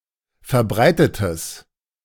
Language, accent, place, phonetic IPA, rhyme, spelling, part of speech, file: German, Germany, Berlin, [fɛɐ̯ˈbʁaɪ̯tətəs], -aɪ̯tətəs, verbreitetes, adjective, De-verbreitetes.ogg
- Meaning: strong/mixed nominative/accusative neuter singular of verbreitet